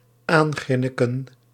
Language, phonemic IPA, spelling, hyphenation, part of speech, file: Dutch, /ˈaːnˌɣrɪ.nə.kə(n)/, aangrinniken, aan‧grin‧ni‧ken, verb, Nl-aangrinniken.ogg
- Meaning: to giggle at (someone) (often implying mockery)